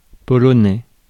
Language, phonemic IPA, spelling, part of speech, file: French, /pɔ.lɔ.nɛ/, polonais, noun / adjective, Fr-polonais.ogg
- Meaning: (noun) Polish, the Polish language; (adjective) Polish